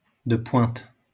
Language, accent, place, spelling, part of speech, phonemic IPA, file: French, France, Lyon, de pointe, adjective, /də pwɛ̃t/, LL-Q150 (fra)-de pointe.wav
- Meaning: cutting-edge, state-of-the-art